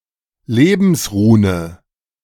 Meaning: The rune ᛉ (Algiz), symbolizing life according to Ariosophy
- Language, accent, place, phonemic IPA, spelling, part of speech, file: German, Germany, Berlin, /ˈleːbn̩sˌʁuːnə/, Lebensrune, noun, De-Lebensrune2.ogg